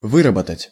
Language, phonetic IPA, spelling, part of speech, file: Russian, [ˈvɨrəbətətʲ], выработать, verb, Ru-выработать.ogg
- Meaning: 1. to make, to manufacture, to produce 2. to cultivate, to develop, to form (including certain qualities pertaining to a person)